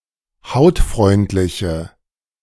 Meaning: inflection of hautfreundlich: 1. strong/mixed nominative/accusative feminine singular 2. strong nominative/accusative plural 3. weak nominative all-gender singular
- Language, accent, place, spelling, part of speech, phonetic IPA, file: German, Germany, Berlin, hautfreundliche, adjective, [ˈhaʊ̯tˌfʁɔɪ̯ntlɪçə], De-hautfreundliche.ogg